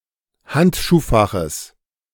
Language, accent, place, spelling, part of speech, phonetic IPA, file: German, Germany, Berlin, Handschuhfaches, noun, [ˈhantʃuːˌfaxəs], De-Handschuhfaches.ogg
- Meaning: genitive singular of Handschuhfach